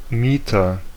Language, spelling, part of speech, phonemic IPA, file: German, Mieter, noun, /ˈmiːtɐ/, De-Mieter.ogg
- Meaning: 1. renter 2. tenant